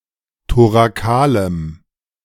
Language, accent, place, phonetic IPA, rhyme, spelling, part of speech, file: German, Germany, Berlin, [toʁaˈkaːləm], -aːləm, thorakalem, adjective, De-thorakalem.ogg
- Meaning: strong dative masculine/neuter singular of thorakal